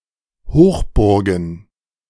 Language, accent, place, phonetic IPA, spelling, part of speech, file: German, Germany, Berlin, [ˈhoːxˌbʊʁɡn̩], Hochburgen, noun, De-Hochburgen.ogg
- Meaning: plural of Hochburg